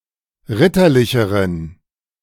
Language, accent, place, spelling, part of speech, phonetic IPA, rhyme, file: German, Germany, Berlin, ritterlicheren, adjective, [ˈʁɪtɐˌlɪçəʁən], -ɪtɐlɪçəʁən, De-ritterlicheren.ogg
- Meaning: inflection of ritterlich: 1. strong genitive masculine/neuter singular comparative degree 2. weak/mixed genitive/dative all-gender singular comparative degree